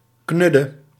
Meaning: bad, clumsy, worthless, oafish
- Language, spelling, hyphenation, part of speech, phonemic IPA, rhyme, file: Dutch, knudde, knud‧de, adjective, /ˈknʏ.də/, -ʏdə, Nl-knudde.ogg